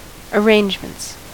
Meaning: plural of arrangement
- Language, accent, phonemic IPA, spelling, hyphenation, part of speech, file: English, US, /əˈɹeɪnd͡ʒmənts/, arrangements, ar‧range‧ments, noun, En-us-arrangements.ogg